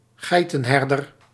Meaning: goatherd
- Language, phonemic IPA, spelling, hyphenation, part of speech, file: Dutch, /ˈɣɛi̯.tə(n)ˌɦɛr.dər/, geitenherder, gei‧ten‧her‧der, noun, Nl-geitenherder.ogg